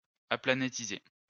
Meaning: to make something aplanatic
- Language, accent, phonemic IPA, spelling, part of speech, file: French, France, /a.pla.ne.ti.ze/, aplanétiser, verb, LL-Q150 (fra)-aplanétiser.wav